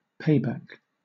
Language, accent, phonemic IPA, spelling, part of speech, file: English, Southern England, /ˈpeɪbæk/, payback, noun / verb, LL-Q1860 (eng)-payback.wav
- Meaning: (noun) 1. An act of revenge 2. A benefit, reward, a form of recompense 3. A return on investment 4. A refund; reimbursement; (verb) Misspelling of pay back